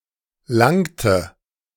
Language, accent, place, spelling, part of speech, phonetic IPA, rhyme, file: German, Germany, Berlin, langte, verb, [ˈlaŋtə], -aŋtə, De-langte.ogg
- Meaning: inflection of langen: 1. first/third-person singular preterite 2. first/third-person singular subjunctive I